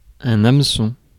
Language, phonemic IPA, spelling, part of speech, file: French, /am.sɔ̃/, hameçon, noun, Fr-hameçon.ogg
- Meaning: fishhook